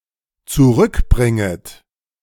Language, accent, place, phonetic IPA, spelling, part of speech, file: German, Germany, Berlin, [t͡suˈʁʏkˌbʁɪŋət], zurückbringet, verb, De-zurückbringet.ogg
- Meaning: second-person plural dependent subjunctive I of zurückbringen